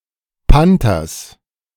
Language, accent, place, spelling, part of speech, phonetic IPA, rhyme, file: German, Germany, Berlin, Panthers, noun, [ˈpantɐs], -antɐs, De-Panthers.ogg
- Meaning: genitive singular of Panther